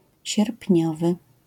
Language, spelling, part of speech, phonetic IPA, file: Polish, sierpniowy, adjective, [ɕɛrpʲˈɲɔvɨ], LL-Q809 (pol)-sierpniowy.wav